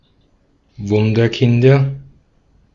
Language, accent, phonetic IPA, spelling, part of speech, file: German, Austria, [ˈvʊndɐˌkɪndɐ], Wunderkinder, noun, De-at-Wunderkinder.ogg
- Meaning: nominative/accusative/genitive plural of Wunderkind